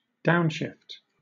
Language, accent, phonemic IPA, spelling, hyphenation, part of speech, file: English, Southern England, /ˈdaʊnʃɪft/, downshift, down‧shift, noun / verb, LL-Q1860 (eng)-downshift.wav
- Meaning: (noun) 1. A change of direction or a movement downwards 2. A reduction in quality or quantity